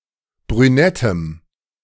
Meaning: strong dative masculine/neuter singular of brünett
- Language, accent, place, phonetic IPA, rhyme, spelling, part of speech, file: German, Germany, Berlin, [bʁyˈnɛtəm], -ɛtəm, brünettem, adjective, De-brünettem.ogg